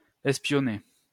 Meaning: to spy (to act as a spy)
- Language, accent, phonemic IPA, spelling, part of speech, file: French, France, /ɛs.pjɔ.ne/, espionner, verb, LL-Q150 (fra)-espionner.wav